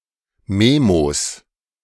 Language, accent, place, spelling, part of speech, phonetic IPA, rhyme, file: German, Germany, Berlin, Memos, noun, [ˈmeːmos], -eːmos, De-Memos.ogg
- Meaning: plural of Memo